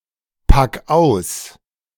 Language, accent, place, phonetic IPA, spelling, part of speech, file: German, Germany, Berlin, [ˌpak ˈaʊ̯s], pack aus, verb, De-pack aus.ogg
- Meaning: 1. singular imperative of auspacken 2. first-person singular present of auspacken